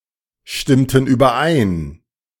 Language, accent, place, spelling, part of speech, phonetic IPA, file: German, Germany, Berlin, stimmten überein, verb, [ˌʃtɪmtn̩ yːbɐˈʔaɪ̯n], De-stimmten überein.ogg
- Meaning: inflection of übereinstimmen: 1. first/third-person plural preterite 2. first/third-person plural subjunctive II